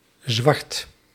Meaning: a surname
- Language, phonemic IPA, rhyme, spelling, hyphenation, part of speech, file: Dutch, /zʋɑrt/, -ɑrt, Zwart, Zwart, proper noun, Nl-Zwart.ogg